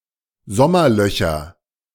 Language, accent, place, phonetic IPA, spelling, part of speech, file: German, Germany, Berlin, [ˈzɔmɐˌlœçɐ], Sommerlöcher, noun, De-Sommerlöcher.ogg
- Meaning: nominative/accusative/genitive plural of Sommerloch